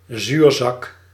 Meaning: 1. the East Indian tree species Artocarpus integrifolius (chempedak) 2. the South American tree species Annona muricata (custard apple; a soursop)
- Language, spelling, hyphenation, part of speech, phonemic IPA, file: Dutch, zuurzak, zuur‧zak, noun, /ˈzyrzɑk/, Nl-zuurzak.ogg